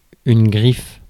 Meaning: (noun) 1. claw 2. talon 3. scratch mark 4. signature (characteristic mark, e.g. of an artist) 5. brand, designer label (especially fashion)
- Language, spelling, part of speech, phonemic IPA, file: French, griffe, noun / verb, /ɡʁif/, Fr-griffe.ogg